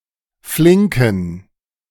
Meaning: inflection of flink: 1. strong genitive masculine/neuter singular 2. weak/mixed genitive/dative all-gender singular 3. strong/weak/mixed accusative masculine singular 4. strong dative plural
- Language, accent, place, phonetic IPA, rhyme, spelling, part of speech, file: German, Germany, Berlin, [ˈflɪŋkn̩], -ɪŋkn̩, flinken, adjective, De-flinken.ogg